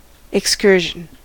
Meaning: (noun) 1. A brief recreational trip; a journey out of the usual way 2. A field trip 3. A wandering from the main subject: a digression
- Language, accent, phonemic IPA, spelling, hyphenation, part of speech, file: English, US, /ɛkˈskɝ.ʒən/, excursion, ex‧cur‧sion, noun / verb, En-us-excursion.ogg